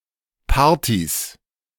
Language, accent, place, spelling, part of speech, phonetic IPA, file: German, Germany, Berlin, Partys, noun, [ˈpaːɐ̯tis], De-Partys.ogg
- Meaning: plural of Party